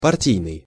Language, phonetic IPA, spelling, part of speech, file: Russian, [pɐrˈtʲijnɨj], партийный, adjective / noun, Ru-партийный.ogg
- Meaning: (adjective) 1. party 2. loyal to the party line; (noun) party member